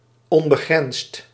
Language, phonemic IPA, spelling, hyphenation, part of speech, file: Dutch, /ˌɔn.bəˈɣrɛnst/, onbegrensd, on‧be‧grensd, adjective, Nl-onbegrensd.ogg
- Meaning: unlimited, boundless